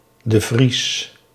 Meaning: de Vries: a surname
- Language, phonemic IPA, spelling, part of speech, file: Dutch, /də ˈvris/, de Vries, proper noun, Nl-de Vries.ogg